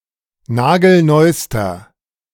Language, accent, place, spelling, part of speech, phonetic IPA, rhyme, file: German, Germany, Berlin, nagelneuster, adjective, [ˈnaːɡl̩ˈnɔɪ̯stɐ], -ɔɪ̯stɐ, De-nagelneuster.ogg
- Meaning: inflection of nagelneu: 1. strong/mixed nominative masculine singular superlative degree 2. strong genitive/dative feminine singular superlative degree 3. strong genitive plural superlative degree